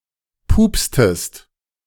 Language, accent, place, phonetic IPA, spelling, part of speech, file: German, Germany, Berlin, [ˈpuːpstəst], pupstest, verb, De-pupstest.ogg
- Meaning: inflection of pupsen: 1. second-person singular preterite 2. second-person singular subjunctive II